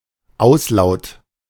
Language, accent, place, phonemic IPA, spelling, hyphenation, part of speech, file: German, Germany, Berlin, /ˈaʊ̯sˌlaʊ̯t/, Auslaut, Aus‧laut, noun, De-Auslaut.ogg
- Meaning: auslaut, depending on the context either: 1. the position of a sound at the end of a word 2. the position of a sound at the end of a syllable